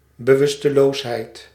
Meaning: unconsciousness
- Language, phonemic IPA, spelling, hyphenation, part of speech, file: Dutch, /bəˈʋʏs.təˌloːs.ɦɛi̯t/, bewusteloosheid, be‧wus‧te‧loos‧heid, noun, Nl-bewusteloosheid.ogg